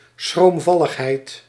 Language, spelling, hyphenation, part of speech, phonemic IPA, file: Dutch, schroomvalligheid, schroom‧val‧lig‧heid, noun, /sxromˈvɑləxˌhɛit/, Nl-schroomvalligheid.ogg
- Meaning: timidity